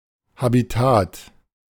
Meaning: habitat
- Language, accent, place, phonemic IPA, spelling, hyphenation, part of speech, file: German, Germany, Berlin, /habiˈtaːt/, Habitat, Ha‧bi‧tat, noun, De-Habitat.ogg